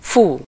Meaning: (verb) alternative form of fúj (“to blow”, of the wind); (interjection) wow!
- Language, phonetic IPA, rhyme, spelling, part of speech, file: Hungarian, [ˈfuː], -fuː, fú, verb / interjection, Hu-fú.ogg